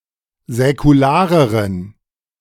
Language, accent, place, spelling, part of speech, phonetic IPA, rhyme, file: German, Germany, Berlin, säkulareren, adjective, [zɛkuˈlaːʁəʁən], -aːʁəʁən, De-säkulareren.ogg
- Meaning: inflection of säkular: 1. strong genitive masculine/neuter singular comparative degree 2. weak/mixed genitive/dative all-gender singular comparative degree